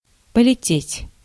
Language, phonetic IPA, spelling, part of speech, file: Russian, [pəlʲɪˈtʲetʲ], полететь, verb, Ru-полететь.ogg
- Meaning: to fly, to be flying